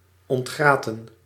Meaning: to bone, to remove fishbones
- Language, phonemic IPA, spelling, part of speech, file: Dutch, /ɔntˈɣraːtə(n)/, ontgraten, verb, Nl-ontgraten.ogg